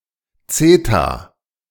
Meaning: zeta (Greek letter)
- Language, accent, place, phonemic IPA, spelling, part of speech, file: German, Germany, Berlin, /ˈt͡seːta/, Zeta, noun, De-Zeta.ogg